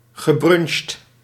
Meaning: past participle of brunchen
- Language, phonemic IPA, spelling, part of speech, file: Dutch, /ɣəˈbrʏnʃt/, gebruncht, verb, Nl-gebruncht.ogg